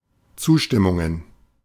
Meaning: plural of Zustimmung
- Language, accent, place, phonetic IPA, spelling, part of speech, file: German, Germany, Berlin, [ˈt͡suːʃtɪmʊŋən], Zustimmungen, noun, De-Zustimmungen.ogg